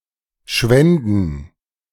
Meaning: first-person plural subjunctive II of schwinden
- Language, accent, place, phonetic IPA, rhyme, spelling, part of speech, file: German, Germany, Berlin, [ˈʃvɛndn̩], -ɛndn̩, schwänden, verb, De-schwänden.ogg